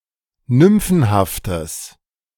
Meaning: strong/mixed nominative/accusative neuter singular of nymphenhaft
- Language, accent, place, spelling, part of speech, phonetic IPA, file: German, Germany, Berlin, nymphenhaftes, adjective, [ˈnʏmfn̩haftəs], De-nymphenhaftes.ogg